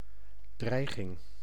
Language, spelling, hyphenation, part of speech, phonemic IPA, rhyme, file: Dutch, dreiging, drei‧ging, noun, /ˈdrɛi̯.ɣɪŋ/, -ɛi̯ɣɪŋ, Nl-dreiging.ogg
- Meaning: threat